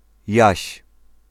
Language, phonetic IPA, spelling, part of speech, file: Polish, [jäɕ], Jaś, proper noun, Pl-Jaś.ogg